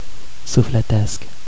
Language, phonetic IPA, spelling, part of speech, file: Romanian, [sufleˈtesk], sufletesc, adjective, Ro-sufletesc.ogg
- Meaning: spiritual; of or relating to the spirit